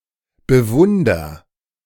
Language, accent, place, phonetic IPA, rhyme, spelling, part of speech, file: German, Germany, Berlin, [bəˈvʊndɐ], -ʊndɐ, bewunder, verb, De-bewunder.ogg
- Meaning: inflection of bewundern: 1. first-person singular present 2. singular imperative